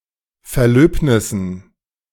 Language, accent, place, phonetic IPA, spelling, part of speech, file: German, Germany, Berlin, [fɛɐ̯ˈløːpnɪsn̩], Verlöbnissen, noun, De-Verlöbnissen.ogg
- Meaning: dative plural of Verlöbnis